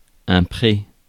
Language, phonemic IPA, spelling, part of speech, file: French, /pʁe/, pré, noun, Fr-pré.ogg
- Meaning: meadow